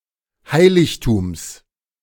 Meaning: genitive singular of Heiligtum
- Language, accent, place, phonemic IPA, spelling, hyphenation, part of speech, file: German, Germany, Berlin, /ˈhaɪ̯lɪçtuːms/, Heiligtums, Hei‧lig‧tums, noun, De-Heiligtums.ogg